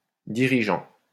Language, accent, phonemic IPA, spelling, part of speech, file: French, France, /di.ʁi.ʒɑ̃/, dirigeant, verb / adjective / noun, LL-Q150 (fra)-dirigeant.wav
- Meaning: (verb) present participle of diriger; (adjective) managing; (noun) ruler, leader